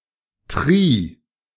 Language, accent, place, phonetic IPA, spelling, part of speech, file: German, Germany, Berlin, [tʁi(ː)], tri-, prefix, De-tri-.ogg
- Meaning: tri- (three)